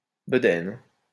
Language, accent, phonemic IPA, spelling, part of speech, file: French, France, /bə.dɛn/, bedaine, noun, LL-Q150 (fra)-bedaine.wav
- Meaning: paunch, pot belly